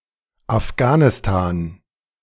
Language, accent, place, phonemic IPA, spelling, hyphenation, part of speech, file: German, Germany, Berlin, /afˈɡaːnɪstaːn/, Afghanistan, Af‧gha‧ni‧s‧tan, proper noun, De-Afghanistan2.ogg
- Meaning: Afghanistan (a landlocked country between Central Asia and South Asia)